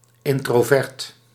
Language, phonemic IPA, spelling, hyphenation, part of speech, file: Dutch, /ˌɪntroˈvɛrt/, introvert, in‧tro‧vert, adjective, Nl-introvert.ogg
- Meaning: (adjective) introvert; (noun) an introverted person